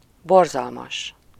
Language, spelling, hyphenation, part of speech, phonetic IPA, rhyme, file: Hungarian, borzalmas, bor‧zal‧mas, adjective / adverb, [ˈborzɒlmɒʃ], -ɒʃ, Hu-borzalmas.ogg
- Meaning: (adjective) horrible, terrible; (adverb) synonym of borzalmasan (“horribly”)